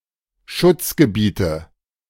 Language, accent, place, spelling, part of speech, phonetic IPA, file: German, Germany, Berlin, Schutzgebiete, noun, [ˈʃʊt͡sɡəˌbiːtə], De-Schutzgebiete.ogg
- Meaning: inflection of Schutzgebiet: 1. dative singular 2. nominative/accusative/genitive plural